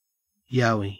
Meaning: An ape-like monster or animal said to exist in parts of eastern Australia
- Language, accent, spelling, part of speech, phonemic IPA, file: English, Australia, yowie, noun, /ˈjaʊwi/, En-au-yowie.ogg